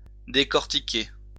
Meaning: 1. to decorticate, to peel, to shell (remove a shell, an outer layer from) 2. to dissect, to scrutinize, to analyse, to study 3. to be scrutinized
- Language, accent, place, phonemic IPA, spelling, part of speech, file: French, France, Lyon, /de.kɔʁ.ti.ke/, décortiquer, verb, LL-Q150 (fra)-décortiquer.wav